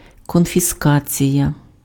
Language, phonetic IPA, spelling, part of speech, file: Ukrainian, [kɔnʲfʲiˈskat͡sʲijɐ], конфіскація, noun, Uk-конфіскація.ogg
- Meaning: confiscation